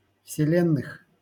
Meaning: genitive/prepositional plural of вселе́нная (vselénnaja)
- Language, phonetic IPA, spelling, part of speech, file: Russian, [fsʲɪˈlʲenːɨx], вселенных, noun, LL-Q7737 (rus)-вселенных.wav